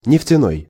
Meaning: oil, petroleum
- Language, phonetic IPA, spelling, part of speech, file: Russian, [nʲɪftʲɪˈnoj], нефтяной, adjective, Ru-нефтяной.ogg